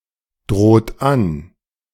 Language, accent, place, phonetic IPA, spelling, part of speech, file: German, Germany, Berlin, [ˌdʁoːt ˈan], droht an, verb, De-droht an.ogg
- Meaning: inflection of androhen: 1. second-person plural present 2. third-person singular present 3. plural imperative